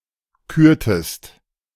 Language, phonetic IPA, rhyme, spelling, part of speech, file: German, [ˈkyːɐ̯təst], -yːɐ̯təst, kürtest, verb, De-kürtest.oga
- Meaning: inflection of küren: 1. second-person singular preterite 2. second-person singular subjunctive II